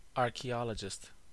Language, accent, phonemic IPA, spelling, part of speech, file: English, US, /ˌɑɹ.kiˈɑ.lə.d͡ʒɪst/, archaeologist, noun, En-us-archaeologist.ogg
- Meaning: Someone who studies or practises archaeology